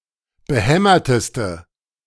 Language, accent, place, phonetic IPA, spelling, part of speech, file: German, Germany, Berlin, [bəˈhɛmɐtəstə], behämmerteste, adjective, De-behämmerteste.ogg
- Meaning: inflection of behämmert: 1. strong/mixed nominative/accusative feminine singular superlative degree 2. strong nominative/accusative plural superlative degree